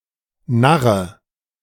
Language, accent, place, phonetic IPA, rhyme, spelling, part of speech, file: German, Germany, Berlin, [ˈnaʁə], -aʁə, narre, verb, De-narre.ogg
- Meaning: inflection of narren: 1. first-person singular present 2. first/third-person singular subjunctive I 3. singular imperative